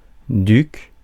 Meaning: duke (nobleman)
- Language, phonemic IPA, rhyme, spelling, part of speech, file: French, /dyk/, -yk, duc, noun, Fr-duc.ogg